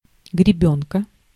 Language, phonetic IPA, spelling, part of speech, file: Russian, [ɡrʲɪˈbʲɵnkə], гребёнка, noun, Ru-гребёнка.ogg
- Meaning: comb